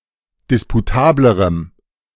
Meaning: strong dative masculine/neuter singular comparative degree of disputabel
- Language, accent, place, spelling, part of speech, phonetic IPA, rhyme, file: German, Germany, Berlin, disputablerem, adjective, [ˌdɪspuˈtaːbləʁəm], -aːbləʁəm, De-disputablerem.ogg